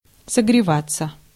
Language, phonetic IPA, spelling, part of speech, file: Russian, [səɡrʲɪˈvat͡sːə], согреваться, verb, Ru-согреваться.ogg
- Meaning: 1. to warm (oneself), to get warm 2. passive of согрева́ть (sogrevátʹ)